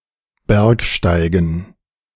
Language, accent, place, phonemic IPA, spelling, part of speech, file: German, Germany, Berlin, /ˈbɛʁkˌʃtaɪ̯ɡn̩/, Bergsteigen, noun, De-Bergsteigen.ogg
- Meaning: gerund of bergsteigen; mountaineering, mountain climbing